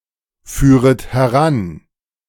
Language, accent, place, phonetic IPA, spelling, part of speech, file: German, Germany, Berlin, [ˌfyːʁət hɛˈʁan], führet heran, verb, De-führet heran.ogg
- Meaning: second-person plural subjunctive I of heranführen